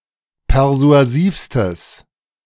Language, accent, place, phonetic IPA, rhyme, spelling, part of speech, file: German, Germany, Berlin, [pɛʁzu̯aˈziːfstəs], -iːfstəs, persuasivstes, adjective, De-persuasivstes.ogg
- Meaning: strong/mixed nominative/accusative neuter singular superlative degree of persuasiv